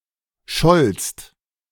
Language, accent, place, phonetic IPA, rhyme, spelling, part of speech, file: German, Germany, Berlin, [ʃɔlst], -ɔlst, schollst, verb, De-schollst.ogg
- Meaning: second-person singular preterite of schallen